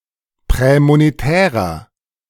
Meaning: inflection of prämonetär: 1. strong/mixed nominative masculine singular 2. strong genitive/dative feminine singular 3. strong genitive plural
- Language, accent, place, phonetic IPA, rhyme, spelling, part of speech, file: German, Germany, Berlin, [ˌpʁɛːmoneˈtɛːʁɐ], -ɛːʁɐ, prämonetärer, adjective, De-prämonetärer.ogg